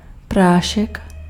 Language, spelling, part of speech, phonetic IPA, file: Czech, prášek, noun, [ˈpraːʃɛk], Cs-prášek.ogg
- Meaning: 1. powder 2. pill (small portion of a drug or drugs to be taken orally) 3. miller's assistant